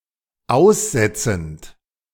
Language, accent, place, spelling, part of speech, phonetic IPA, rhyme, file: German, Germany, Berlin, aussetzend, verb, [ˈaʊ̯sˌzɛt͡sn̩t], -aʊ̯szɛt͡sn̩t, De-aussetzend.ogg
- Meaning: present participle of aussetzen